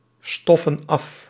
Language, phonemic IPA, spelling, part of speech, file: Dutch, /ˈstɔfə(n) ˈɑf/, stoffen af, verb, Nl-stoffen af.ogg
- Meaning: inflection of afstoffen: 1. plural present indicative 2. plural present subjunctive